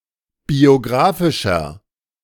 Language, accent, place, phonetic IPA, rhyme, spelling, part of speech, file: German, Germany, Berlin, [bioˈɡʁaːfɪʃɐ], -aːfɪʃɐ, biografischer, adjective, De-biografischer.ogg
- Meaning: 1. comparative degree of biografisch 2. inflection of biografisch: strong/mixed nominative masculine singular 3. inflection of biografisch: strong genitive/dative feminine singular